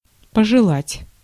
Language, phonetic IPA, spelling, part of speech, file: Russian, [pəʐɨˈɫatʲ], пожелать, verb, Ru-пожелать.ogg
- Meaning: 1. to wish, to desire 2. to covet 3. to wish, to bear